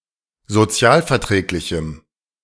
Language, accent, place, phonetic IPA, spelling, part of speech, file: German, Germany, Berlin, [zoˈt͡si̯aːlfɛɐ̯ˌtʁɛːklɪçm̩], sozialverträglichem, adjective, De-sozialverträglichem.ogg
- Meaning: strong dative masculine/neuter singular of sozialverträglich